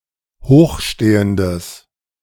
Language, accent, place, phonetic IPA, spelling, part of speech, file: German, Germany, Berlin, [ˈhoːxˌʃteːəndəs], hochstehendes, adjective, De-hochstehendes.ogg
- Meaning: strong/mixed nominative/accusative neuter singular of hochstehend